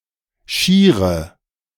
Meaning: inflection of schier: 1. strong/mixed nominative/accusative feminine singular 2. strong nominative/accusative plural 3. weak nominative all-gender singular 4. weak accusative feminine/neuter singular
- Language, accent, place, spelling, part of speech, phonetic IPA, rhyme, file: German, Germany, Berlin, schiere, adjective, [ˈʃiːʁə], -iːʁə, De-schiere.ogg